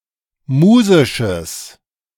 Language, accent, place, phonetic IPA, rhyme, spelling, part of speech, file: German, Germany, Berlin, [ˈmuːzɪʃəs], -uːzɪʃəs, musisches, adjective, De-musisches.ogg
- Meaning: strong/mixed nominative/accusative neuter singular of musisch